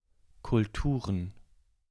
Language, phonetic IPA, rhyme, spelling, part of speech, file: German, [kʊlˈtuːʁən], -uːʁən, Kulturen, noun, De-Kulturen.ogg
- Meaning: plural of Kultur